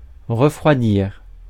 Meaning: 1. to lower the temperature of; to cool 2. to become cooler; to lose heat; to cool down 3. to become less active; to cool down, cool off
- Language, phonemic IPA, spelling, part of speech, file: French, /ʁə.fʁwa.diʁ/, refroidir, verb, Fr-refroidir.ogg